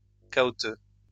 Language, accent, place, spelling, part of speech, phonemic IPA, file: French, France, Lyon, cahoteux, adjective, /ka.ɔ.tø/, LL-Q150 (fra)-cahoteux.wav
- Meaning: bumpy; jolty